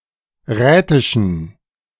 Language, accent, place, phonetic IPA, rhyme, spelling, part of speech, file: German, Germany, Berlin, [ˈʁɛːtɪʃn̩], -ɛːtɪʃn̩, rätischen, adjective, De-rätischen.ogg
- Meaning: inflection of rätisch: 1. strong genitive masculine/neuter singular 2. weak/mixed genitive/dative all-gender singular 3. strong/weak/mixed accusative masculine singular 4. strong dative plural